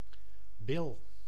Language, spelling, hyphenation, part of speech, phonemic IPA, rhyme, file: Dutch, bil, bil, noun, /bɪl/, -ɪl, Nl-bil.ogg
- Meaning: 1. buttock (each of the two large fleshy halves of the posterior part of the body between the base of the back, the perineum and the top of the legs) 2. buttocks, backside, posterior